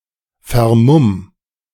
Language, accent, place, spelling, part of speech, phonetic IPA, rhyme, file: German, Germany, Berlin, vermumm, verb, [fɛɐ̯ˈmʊm], -ʊm, De-vermumm.ogg
- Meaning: 1. singular imperative of vermummen 2. first-person singular present of vermummen